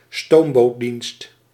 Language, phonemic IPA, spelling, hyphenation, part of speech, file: Dutch, /ˈstoːm.boːtˌdinst/, stoombootdienst, stoom‧boot‧dienst, noun, Nl-stoombootdienst.ogg
- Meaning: a steamboat service, a steamboat line